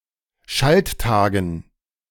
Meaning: dative plural of Schalttag
- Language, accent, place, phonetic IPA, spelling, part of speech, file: German, Germany, Berlin, [ˈʃaltˌtaːɡn̩], Schalttagen, noun, De-Schalttagen.ogg